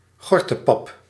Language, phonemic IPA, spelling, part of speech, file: Dutch, /ˈɣɔrtəˌpɑp/, gortepap, noun, Nl-gortepap.ogg
- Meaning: a kind of barley porridge